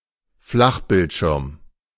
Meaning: flat panel monitor
- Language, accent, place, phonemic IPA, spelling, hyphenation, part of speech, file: German, Germany, Berlin, /ˈflaxbɪltˌʃɪʁm/, Flachbildschirm, Flach‧bild‧schirm, noun, De-Flachbildschirm.ogg